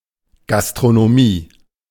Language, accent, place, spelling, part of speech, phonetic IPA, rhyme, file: German, Germany, Berlin, Gastronomie, noun, [ˌɡastʁonoˈmiː], -iː, De-Gastronomie.ogg
- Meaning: 1. food service industry, catering trade 2. gastronomy (art of cooking)